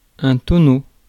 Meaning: 1. barrel (round vessel made from staves bound with a hoop) 2. register ton (100 cubic feet) 3. barrel roll
- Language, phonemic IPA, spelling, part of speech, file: French, /tɔ.no/, tonneau, noun, Fr-tonneau.ogg